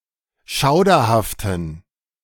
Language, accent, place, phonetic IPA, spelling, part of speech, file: German, Germany, Berlin, [ˈʃaʊ̯dɐhaftn̩], schauderhaften, adjective, De-schauderhaften.ogg
- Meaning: inflection of schauderhaft: 1. strong genitive masculine/neuter singular 2. weak/mixed genitive/dative all-gender singular 3. strong/weak/mixed accusative masculine singular 4. strong dative plural